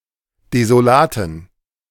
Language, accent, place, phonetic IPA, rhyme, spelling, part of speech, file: German, Germany, Berlin, [dezoˈlaːtn̩], -aːtn̩, desolaten, adjective, De-desolaten.ogg
- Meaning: inflection of desolat: 1. strong genitive masculine/neuter singular 2. weak/mixed genitive/dative all-gender singular 3. strong/weak/mixed accusative masculine singular 4. strong dative plural